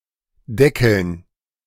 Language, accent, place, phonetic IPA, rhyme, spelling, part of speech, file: German, Germany, Berlin, [ˈdɛkl̩n], -ɛkl̩n, Deckeln, noun, De-Deckeln.ogg
- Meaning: dative plural of Deckel